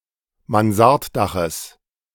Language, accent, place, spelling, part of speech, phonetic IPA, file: German, Germany, Berlin, Mansarddaches, noun, [manˈzaʁtˌdaxəs], De-Mansarddaches.ogg
- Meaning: genitive singular of Mansarddach